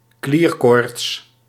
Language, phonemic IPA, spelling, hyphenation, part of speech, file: Dutch, /ˈkliːr.koːrts/, klierkoorts, klier‧koorts, noun, Nl-klierkoorts.ogg
- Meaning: glandular fever, mononucleosis infectiosa